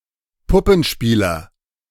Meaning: puppeteer
- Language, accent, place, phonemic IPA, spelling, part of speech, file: German, Germany, Berlin, /ˈpʊpənˌʃpiːlɐ/, Puppenspieler, noun, De-Puppenspieler.ogg